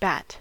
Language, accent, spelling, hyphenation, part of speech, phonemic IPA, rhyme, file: English, US, bat, bat, noun / verb, /bæt/, -æt, En-us-bat.ogg
- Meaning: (noun) 1. Any flying mammal of the order Chiroptera, usually small and nocturnal, insectivorous or frugivorous 2. An old woman